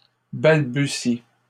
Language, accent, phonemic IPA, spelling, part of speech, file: French, Canada, /bal.by.si/, balbuties, verb, LL-Q150 (fra)-balbuties.wav
- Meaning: second-person singular present indicative/subjunctive of balbutier